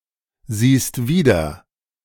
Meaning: second-person singular present of wiedersehen
- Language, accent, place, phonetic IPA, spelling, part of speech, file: German, Germany, Berlin, [ˌziːst ˈviːdɐ], siehst wieder, verb, De-siehst wieder.ogg